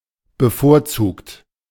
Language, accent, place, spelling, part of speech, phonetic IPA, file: German, Germany, Berlin, bevorzugt, adjective / verb, [bəˈfoːɐ̯ˌt͡suːkt], De-bevorzugt.ogg
- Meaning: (verb) past participle of bevorzugen; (adjective) 1. preferred, preferential, preferable 2. privileged; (verb) inflection of bevorzugen: third-person singular present